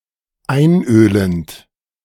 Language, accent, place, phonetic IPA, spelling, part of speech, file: German, Germany, Berlin, [ˈaɪ̯nˌʔøːlənt], einölend, verb, De-einölend.ogg
- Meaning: present participle of einölen